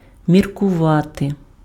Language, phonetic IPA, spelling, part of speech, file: Ukrainian, [mʲirkʊˈʋate], міркувати, verb, Uk-міркувати.ogg
- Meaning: to think (over), to consider, to cogitate, to reflect, to deliberate (on/upon/over)